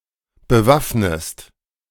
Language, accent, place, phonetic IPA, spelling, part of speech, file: German, Germany, Berlin, [bəˈvafnəst], bewaffnest, verb, De-bewaffnest.ogg
- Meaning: inflection of bewaffnen: 1. second-person singular present 2. second-person singular subjunctive I